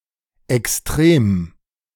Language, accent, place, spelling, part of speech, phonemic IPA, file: German, Germany, Berlin, extrem, adjective / adverb, /ɛksˈtʁeːm/, De-extrem.ogg
- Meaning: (adjective) extreme; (adverb) extremely